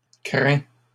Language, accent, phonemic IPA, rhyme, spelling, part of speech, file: French, Canada, /kʁɛ̃/, -ɛ̃, craint, verb, LL-Q150 (fra)-craint.wav
- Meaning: 1. third-person singular present indicative of craindre 2. past participle of craindre